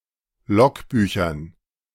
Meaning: dative plural of Logbuch
- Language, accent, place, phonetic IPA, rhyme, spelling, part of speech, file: German, Germany, Berlin, [ˈlɔkˌbyːçɐn], -ɔkbyːçɐn, Logbüchern, noun, De-Logbüchern.ogg